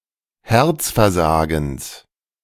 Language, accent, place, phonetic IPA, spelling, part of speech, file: German, Germany, Berlin, [ˈhɛʁt͡sfɛɐ̯ˌzaːɡn̩s], Herzversagens, noun, De-Herzversagens.ogg
- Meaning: genitive singular of Herzversagen